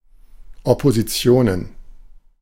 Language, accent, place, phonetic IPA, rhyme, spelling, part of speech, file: German, Germany, Berlin, [ɔpoziˈt͡si̯oːnən], -oːnən, Oppositionen, noun, De-Oppositionen.ogg
- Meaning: plural of Opposition